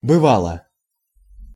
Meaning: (verb) neuter singular past indicative imperfective of быва́ть (byvátʹ); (particle) would (often), used to
- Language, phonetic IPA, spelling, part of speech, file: Russian, [bɨˈvaɫə], бывало, verb / particle, Ru-бывало.ogg